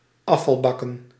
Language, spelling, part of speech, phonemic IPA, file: Dutch, afvalbakken, noun, /ˈɑfɑlˌbɑkə(n)/, Nl-afvalbakken.ogg
- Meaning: plural of afvalbak